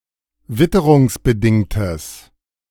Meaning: strong/mixed nominative/accusative neuter singular of witterungsbedingt
- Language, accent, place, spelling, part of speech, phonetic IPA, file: German, Germany, Berlin, witterungsbedingtes, adjective, [ˈvɪtəʁʊŋsbəˌdɪŋtəs], De-witterungsbedingtes.ogg